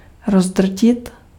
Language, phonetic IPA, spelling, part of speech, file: Czech, [ˈrozdr̩cɪt], rozdrtit, verb, Cs-rozdrtit.ogg
- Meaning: to crush